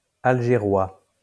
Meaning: of or from Algiers
- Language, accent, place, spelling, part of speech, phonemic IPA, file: French, France, Lyon, algérois, adjective, /al.ʒe.ʁwa/, LL-Q150 (fra)-algérois.wav